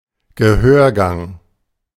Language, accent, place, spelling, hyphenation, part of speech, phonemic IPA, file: German, Germany, Berlin, Gehörgang, Ge‧hör‧gang, noun, /ɡəˈhøːɐ̯ˌɡaŋ/, De-Gehörgang.ogg
- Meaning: ear canal